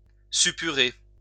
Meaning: to suppurate, fester (form or discharge pus)
- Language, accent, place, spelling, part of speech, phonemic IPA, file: French, France, Lyon, suppurer, verb, /sy.py.ʁe/, LL-Q150 (fra)-suppurer.wav